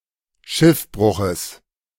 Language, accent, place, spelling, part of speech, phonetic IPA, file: German, Germany, Berlin, Schiffbruches, noun, [ˈʃɪfˌbʁʊxəs], De-Schiffbruches.ogg
- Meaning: genitive singular of Schiffbruch